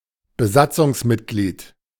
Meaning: crew member
- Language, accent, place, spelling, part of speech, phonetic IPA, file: German, Germany, Berlin, Besatzungsmitglied, noun, [bəˈzat͡sʊŋsˌmɪtɡliːt], De-Besatzungsmitglied.ogg